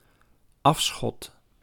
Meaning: 1. the game that has been shot or that is allowed to be shot 2. a slope 3. the place or direction to where water can run off or is discharged
- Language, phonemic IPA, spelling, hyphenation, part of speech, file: Dutch, /ˈɑf.sxɔt/, afschot, af‧schot, noun, Nl-afschot.ogg